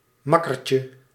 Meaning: diminutive of makker
- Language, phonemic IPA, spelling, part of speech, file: Dutch, /ˈmɑkərcə/, makkertje, noun, Nl-makkertje.ogg